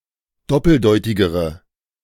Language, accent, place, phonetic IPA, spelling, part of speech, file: German, Germany, Berlin, [ˈdɔpl̩ˌdɔɪ̯tɪɡəʁə], doppeldeutigere, adjective, De-doppeldeutigere.ogg
- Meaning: inflection of doppeldeutig: 1. strong/mixed nominative/accusative feminine singular comparative degree 2. strong nominative/accusative plural comparative degree